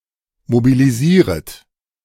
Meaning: second-person plural subjunctive I of mobilisieren
- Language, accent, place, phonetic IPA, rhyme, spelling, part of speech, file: German, Germany, Berlin, [mobiliˈziːʁət], -iːʁət, mobilisieret, verb, De-mobilisieret.ogg